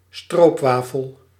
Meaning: a syrup waffle, a stroopwafel
- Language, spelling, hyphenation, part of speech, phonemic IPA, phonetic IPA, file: Dutch, stroopwafel, stroop‧wa‧fel, noun, /ˈstroːpʋaːfəl/, [ˈstroʊ̯pˌʋaː.fəl], Nl-stroopwafel.ogg